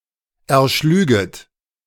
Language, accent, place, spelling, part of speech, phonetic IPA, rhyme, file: German, Germany, Berlin, erschlüget, verb, [ɛɐ̯ˈʃlyːɡət], -yːɡət, De-erschlüget.ogg
- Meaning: second-person plural subjunctive I of erschlagen